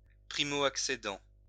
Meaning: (verb) present participle of accéder; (noun) accessor
- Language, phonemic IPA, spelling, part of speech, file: French, /ak.se.dɑ̃/, accédant, verb / noun, LL-Q150 (fra)-accédant.wav